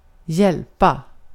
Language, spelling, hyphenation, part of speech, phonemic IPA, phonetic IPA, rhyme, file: Swedish, hjälpa, hjäl‧pa, verb, /²jɛlːpa/, [ˈjɛ̝l̪ː˧˩ˌpä˥˩], -ɛlːpa, Sv-hjälpa.ogg
- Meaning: 1. to help; give aid or assistance to 2. to help; provide support to 3. to relieve; to ease someone's troubles or problems